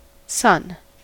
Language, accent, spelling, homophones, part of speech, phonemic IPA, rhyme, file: English, US, Sun, son / sun, proper noun, /sʌn/, -ʌn, En-us-Sun.ogg
- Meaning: 1. The star at the center of the Solar System (our solar system), which shines in our sky 2. The 91st sura (chapter) of the Qur'an 3. An English tabloid newspaper